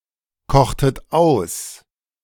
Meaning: inflection of einkochen: 1. second-person plural preterite 2. second-person plural subjunctive II
- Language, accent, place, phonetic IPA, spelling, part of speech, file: German, Germany, Berlin, [ˌkɔxtət ˈaɪ̯n], kochtet ein, verb, De-kochtet ein.ogg